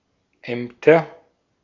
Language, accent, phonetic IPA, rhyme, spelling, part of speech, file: German, Austria, [ˈɛmtɐ], -ɛmtɐ, Ämter, noun, De-at-Ämter.ogg
- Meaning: plural of Amt